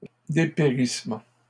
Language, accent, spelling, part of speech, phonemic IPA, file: French, Canada, dépérissement, noun, /de.pe.ʁis.mɑ̃/, LL-Q150 (fra)-dépérissement.wav
- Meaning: 1. decline 2. wasting (away), withering